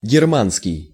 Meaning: 1. German 2. Germanic
- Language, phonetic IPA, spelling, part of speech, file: Russian, [ɡʲɪrˈmanskʲɪj], германский, adjective, Ru-германский.ogg